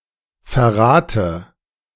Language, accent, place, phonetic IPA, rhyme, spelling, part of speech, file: German, Germany, Berlin, [fɛɐ̯ˈʁaːtə], -aːtə, verrate, verb, De-verrate.ogg
- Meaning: inflection of verraten: 1. first-person singular present 2. first/third-person singular subjunctive I 3. singular imperative